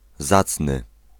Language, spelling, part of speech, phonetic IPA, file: Polish, zacny, adjective, [ˈzat͡snɨ], Pl-zacny.ogg